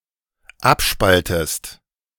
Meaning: inflection of abspalten: 1. second-person singular dependent present 2. second-person singular dependent subjunctive I
- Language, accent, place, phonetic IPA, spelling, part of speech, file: German, Germany, Berlin, [ˈapˌʃpaltəst], abspaltest, verb, De-abspaltest.ogg